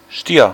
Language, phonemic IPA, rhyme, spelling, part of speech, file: German, /ʃtiːɐ̯/, -iːɐ̯, Stier, noun / proper noun, De-Stier.ogg
- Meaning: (noun) bull; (proper noun) Taurus